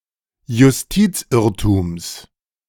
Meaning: genitive singular of Justizirrtum
- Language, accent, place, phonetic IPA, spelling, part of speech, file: German, Germany, Berlin, [jʊsˈtiːt͡sˌʔɪʁtuːms], Justizirrtums, noun, De-Justizirrtums.ogg